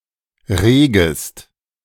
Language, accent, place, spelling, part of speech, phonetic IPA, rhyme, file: German, Germany, Berlin, regest, verb, [ˈʁeːɡəst], -eːɡəst, De-regest.ogg
- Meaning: second-person singular subjunctive I of regen